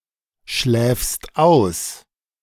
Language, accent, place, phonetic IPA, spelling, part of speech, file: German, Germany, Berlin, [ˌʃlɛːfst ˈaʊ̯s], schläfst aus, verb, De-schläfst aus.ogg
- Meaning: second-person singular present of ausschlafen